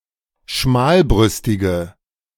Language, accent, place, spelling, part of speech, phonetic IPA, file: German, Germany, Berlin, schmalbrüstige, adjective, [ˈʃmaːlˌbʁʏstɪɡə], De-schmalbrüstige.ogg
- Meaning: inflection of schmalbrüstig: 1. strong/mixed nominative/accusative feminine singular 2. strong nominative/accusative plural 3. weak nominative all-gender singular